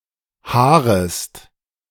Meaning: second-person singular subjunctive I of haaren
- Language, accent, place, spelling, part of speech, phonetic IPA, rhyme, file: German, Germany, Berlin, haarest, verb, [ˈhaːʁəst], -aːʁəst, De-haarest.ogg